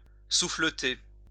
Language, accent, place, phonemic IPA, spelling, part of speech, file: French, France, Lyon, /su.flə.te/, souffleter, verb, LL-Q150 (fra)-souffleter.wav
- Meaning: to slap (across the face)